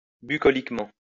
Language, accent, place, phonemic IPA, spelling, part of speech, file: French, France, Lyon, /by.kɔ.lik.mɑ̃/, bucoliquement, adverb, LL-Q150 (fra)-bucoliquement.wav
- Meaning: bucolically